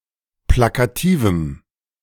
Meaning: strong dative masculine/neuter singular of plakativ
- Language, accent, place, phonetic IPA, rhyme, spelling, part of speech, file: German, Germany, Berlin, [ˌplakaˈtiːvm̩], -iːvm̩, plakativem, adjective, De-plakativem.ogg